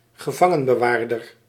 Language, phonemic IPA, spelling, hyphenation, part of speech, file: Dutch, /ɣəˈvɑ.ŋə(n).bəˌʋaːr.dər/, gevangenbewaarder, ge‧van‧gen‧be‧waar‧der, noun, Nl-gevangenbewaarder.ogg
- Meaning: prison guard, warden, jailor